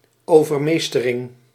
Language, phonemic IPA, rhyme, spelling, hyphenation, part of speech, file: Dutch, /ˌoːvərˈmeːstərɪŋ/, -eːstərɪŋ, overmeestering, over‧mees‧te‧ring, noun, Nl-overmeestering.ogg
- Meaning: act or instance of overpowering, subjugation